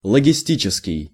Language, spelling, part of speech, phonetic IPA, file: Russian, логистический, adjective, [ɫəɡʲɪˈsʲtʲit͡ɕɪskʲɪj], Ru-логистический.ogg
- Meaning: 1. logistic 2. logistics